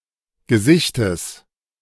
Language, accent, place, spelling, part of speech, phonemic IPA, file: German, Germany, Berlin, Gesichtes, noun, /ɡəˈzɪçtəs/, De-Gesichtes.ogg
- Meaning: genitive singular of Gesicht